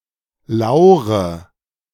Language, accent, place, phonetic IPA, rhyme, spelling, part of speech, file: German, Germany, Berlin, [ˈlaʊ̯ʁə], -aʊ̯ʁə, laure, verb, De-laure.ogg
- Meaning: inflection of lauern: 1. first-person singular present 2. first/third-person singular subjunctive I 3. singular imperative